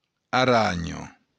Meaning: spider
- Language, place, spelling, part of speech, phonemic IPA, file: Occitan, Béarn, aranha, noun, /aˈraɲo/, LL-Q14185 (oci)-aranha.wav